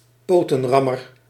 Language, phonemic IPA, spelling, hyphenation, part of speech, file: Dutch, /ˈpoː.tə(n)ˌrɑ.mər/, potenrammer, po‧ten‧ram‧mer, noun, Nl-potenrammer.ogg
- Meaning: gay basher, somebody who engages in homophobic violence